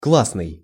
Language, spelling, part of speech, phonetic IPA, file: Russian, классный, adjective, [ˈkɫasnɨj], Ru-классный.ogg
- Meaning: 1. class (in education) 2. awesome, super, top-class, cool, neat, nifty